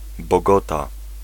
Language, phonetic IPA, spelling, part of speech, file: Polish, [bɔˈɡɔta], Bogota, proper noun, Pl-Bogota.ogg